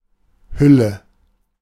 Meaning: 1. covering, wrapping 2. synonym of Kleidung 3. case, sheath 4. husk (useless, dried-up, worthless exterior) 5. mantle (anything that covers or conceals something else)
- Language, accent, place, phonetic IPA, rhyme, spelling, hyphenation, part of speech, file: German, Germany, Berlin, [ˈhʏlə], -ʏlə, Hülle, Hül‧le, noun, De-Hülle.ogg